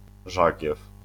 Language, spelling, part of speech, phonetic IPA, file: Polish, żagiew, noun, [ˈʒaɟɛf], LL-Q809 (pol)-żagiew.wav